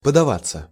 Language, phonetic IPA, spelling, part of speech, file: Russian, [pədɐˈvat͡sːə], подаваться, verb, Ru-подаваться.ogg
- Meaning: 1. to move (under pressure) 2. to yield, to give way 3. to make (for), to set out (for) 4. passive of подава́ть (podavátʹ)